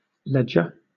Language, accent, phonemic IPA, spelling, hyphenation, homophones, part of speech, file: English, Southern England, /ˈlɛd͡ʒə/, ledger, led‧ger, leger, noun / verb, LL-Q1860 (eng)-ledger.wav
- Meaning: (noun) 1. A book for keeping notes; a record book, a register 2. A book or other scheme for keeping accounting records